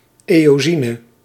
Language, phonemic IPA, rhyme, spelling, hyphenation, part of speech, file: Dutch, /ˌeː.oːˈzi.nə/, -inə, eosine, eo‧si‧ne, noun, Nl-eosine.ogg
- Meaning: eosin